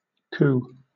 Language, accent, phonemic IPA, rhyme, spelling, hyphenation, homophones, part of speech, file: English, Southern England, /kuː/, -uː, coo, coo, coup, noun / verb / interjection / adjective, LL-Q1860 (eng)-coo.wav
- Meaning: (noun) 1. The murmuring sound made by a dove or pigeon 2. An expression of pleasure made by a person; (verb) To make a soft murmuring sound, similar to a dove or pigeon